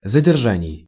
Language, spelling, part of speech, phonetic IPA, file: Russian, задержаний, noun, [zədʲɪrˈʐanʲɪj], Ru-задержаний.ogg
- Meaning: genitive plural of задержа́ние (zaderžánije)